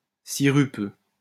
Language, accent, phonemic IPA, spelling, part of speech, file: French, France, /si.ʁy.pø/, sirupeux, adjective, LL-Q150 (fra)-sirupeux.wav
- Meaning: syrupy